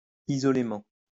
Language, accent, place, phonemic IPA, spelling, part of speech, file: French, France, Lyon, /i.zɔ.le.mɑ̃/, isolément, adverb, LL-Q150 (fra)-isolément.wav
- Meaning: isolatedly, individually, separately